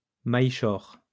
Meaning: nickel silver
- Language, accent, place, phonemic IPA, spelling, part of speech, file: French, France, Lyon, /maj.ʃɔʁ/, maillechort, noun, LL-Q150 (fra)-maillechort.wav